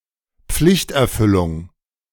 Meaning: fulfillment of duty
- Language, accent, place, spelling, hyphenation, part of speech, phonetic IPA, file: German, Germany, Berlin, Pflichterfüllung, Pflicht‧er‧fül‧lung, noun, [ˈpflɪçtʔɛɐ̯ˌfʏlʊŋ], De-Pflichterfüllung.ogg